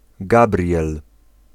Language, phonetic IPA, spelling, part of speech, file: Polish, [ˈɡabrʲjɛl], Gabriel, proper noun / noun, Pl-Gabriel.ogg